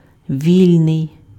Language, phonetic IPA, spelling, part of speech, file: Ukrainian, [ˈʋʲilʲnei̯], вільний, adjective, Uk-вільний.ogg
- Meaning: free (unrestricted, unconstrained, unoccupied, at liberty)